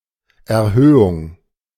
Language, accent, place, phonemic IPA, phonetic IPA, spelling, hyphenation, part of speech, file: German, Germany, Berlin, /ɛɐ̯ˈhøːʊŋ/, [ʔɛɐ̯ˈhøːʊŋ], Erhöhung, Er‧hö‧hung, noun, De-Erhöhung.ogg
- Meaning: 1. increase, elevation, rise, increment 2. enhancement 3. hill 4. conversion